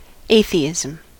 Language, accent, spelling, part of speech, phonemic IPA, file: English, US, atheism, noun, /ˈeɪ.θi.ɪ.zəm/, En-us-atheism.ogg
- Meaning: A non-belief in deities.: Belief that no deities exist (sometimes including rejection of other religious beliefs)